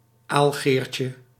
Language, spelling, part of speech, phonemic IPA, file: Dutch, aalgeertje, noun, /ˈalɣerce/, Nl-aalgeertje.ogg
- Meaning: diminutive of aalgeer